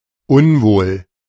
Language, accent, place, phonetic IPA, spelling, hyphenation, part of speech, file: German, Germany, Berlin, [ˈʊnvoːl], unwohl, un‧wohl, adjective, De-unwohl.ogg
- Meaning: 1. unwell, indisposed, mildly sick 2. uncomfortable